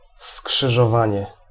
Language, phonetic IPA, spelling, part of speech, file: Polish, [ˌskʃɨʒɔˈvãɲɛ], skrzyżowanie, noun, Pl-skrzyżowanie.ogg